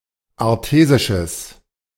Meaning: strong/mixed nominative/accusative neuter singular of artesisch
- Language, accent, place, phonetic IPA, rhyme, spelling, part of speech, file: German, Germany, Berlin, [aʁˈteːzɪʃəs], -eːzɪʃəs, artesisches, adjective, De-artesisches.ogg